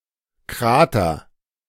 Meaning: 1. crater 2. krater
- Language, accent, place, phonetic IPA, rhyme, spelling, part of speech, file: German, Germany, Berlin, [ˈkʁaːtɐ], -aːtɐ, Krater, noun, De-Krater.ogg